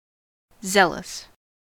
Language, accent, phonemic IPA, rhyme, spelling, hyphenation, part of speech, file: English, US, /ˈzɛləs/, -ɛləs, zealous, zeal‧ous, adjective, En-us-zealous.ogg
- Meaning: Full of zeal; ardent, fervent; exhibiting enthusiasm or strong passion, particularly in matters of religion